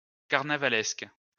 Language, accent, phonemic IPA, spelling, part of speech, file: French, France, /kaʁ.na.va.lɛsk/, carnavalesque, adjective, LL-Q150 (fra)-carnavalesque.wav
- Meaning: carnival